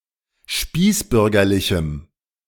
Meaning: strong dative masculine/neuter singular of spießbürgerlich
- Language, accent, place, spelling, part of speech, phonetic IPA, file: German, Germany, Berlin, spießbürgerlichem, adjective, [ˈʃpiːsˌbʏʁɡɐlɪçm̩], De-spießbürgerlichem.ogg